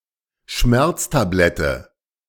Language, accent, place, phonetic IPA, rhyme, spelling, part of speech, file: German, Germany, Berlin, [ˈʃmɛʁt͡staˌblɛtə], -ɛʁt͡stablɛtə, Schmerztablette, noun, De-Schmerztablette.ogg
- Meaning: painkiller tablet, pain pill